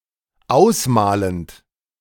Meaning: present participle of ausmalen
- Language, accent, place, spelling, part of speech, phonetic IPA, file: German, Germany, Berlin, ausmalend, verb, [ˈaʊ̯sˌmaːlənt], De-ausmalend.ogg